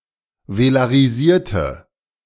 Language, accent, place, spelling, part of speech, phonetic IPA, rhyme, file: German, Germany, Berlin, velarisierte, adjective / verb, [velaʁiˈziːɐ̯tə], -iːɐ̯tə, De-velarisierte.ogg
- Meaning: inflection of velarisieren: 1. first/third-person singular preterite 2. first/third-person singular subjunctive II